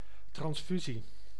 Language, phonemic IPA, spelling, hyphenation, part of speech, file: Dutch, /ˌtrɑnsˈfy.zi/, transfusie, trans‧fu‧sie, noun, Nl-transfusie.ogg
- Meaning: transfusion